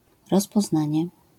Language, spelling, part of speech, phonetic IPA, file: Polish, rozpoznanie, noun, [ˌrɔspɔzˈnãɲɛ], LL-Q809 (pol)-rozpoznanie.wav